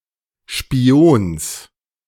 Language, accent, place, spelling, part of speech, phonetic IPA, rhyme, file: German, Germany, Berlin, Spions, noun, [ʃpiˈoːns], -oːns, De-Spions.ogg
- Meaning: genitive singular of Spion